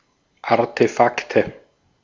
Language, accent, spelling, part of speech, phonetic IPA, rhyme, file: German, Austria, Artefakte, noun, [aʁtəˈfaktə], -aktə, De-at-Artefakte.ogg
- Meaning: nominative/accusative/genitive plural of Artefakt